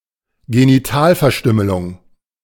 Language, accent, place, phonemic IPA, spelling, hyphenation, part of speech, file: German, Germany, Berlin, /ˌɡeniˈtaːlfɛɐ̯ˌʃtʏməlʊŋ/, Genitalverstümmelung, Ge‧ni‧tal‧ver‧stüm‧me‧lung, noun, De-Genitalverstümmelung.ogg
- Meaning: genital mutilation